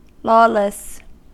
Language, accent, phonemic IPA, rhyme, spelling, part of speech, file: English, US, /ˈlɔːləs/, -ɔːləs, lawless, adjective, En-us-lawless.ogg
- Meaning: 1. Not governed by any law 2. Prohibited by law; unlawful, illegal 3. Not restrained by the law or by discipline; disorderly, unruly